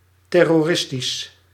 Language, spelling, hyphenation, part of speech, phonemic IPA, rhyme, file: Dutch, terroristisch, ter‧ro‧ris‧tisch, adjective, /ˌtɛ.rɔˈrɪs.tis/, -ɪstis, Nl-terroristisch.ogg
- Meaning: terrorist